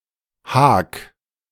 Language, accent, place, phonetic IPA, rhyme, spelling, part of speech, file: German, Germany, Berlin, [haːk], -aːk, hak, verb, De-hak.ogg
- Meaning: 1. singular imperative of haken 2. first-person singular present of haken